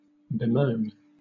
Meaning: 1. To moan or complain about (something) 2. To be dismayed or worried about (someone), particularly because of their situation or what has happened to them
- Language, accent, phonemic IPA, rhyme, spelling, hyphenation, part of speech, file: English, Southern England, /bɪˈməʊn/, -əʊn, bemoan, be‧moan, verb, LL-Q1860 (eng)-bemoan.wav